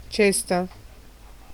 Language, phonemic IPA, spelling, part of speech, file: Italian, /ˈt͡ʃesta/, cesta, noun, It-cesta.ogg